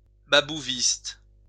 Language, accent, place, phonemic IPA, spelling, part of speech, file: French, France, Lyon, /ba.bu.vist/, babouviste, noun, LL-Q150 (fra)-babouviste.wav
- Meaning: Babouvist